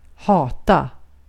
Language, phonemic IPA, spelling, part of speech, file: Swedish, /²hɑːta/, hata, verb, Sv-hata.ogg
- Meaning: to hate